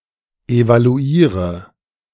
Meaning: inflection of evaluieren: 1. first-person singular present 2. first/third-person singular subjunctive I 3. singular imperative
- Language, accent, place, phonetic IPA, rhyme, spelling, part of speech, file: German, Germany, Berlin, [evaluˈiːʁə], -iːʁə, evaluiere, verb, De-evaluiere.ogg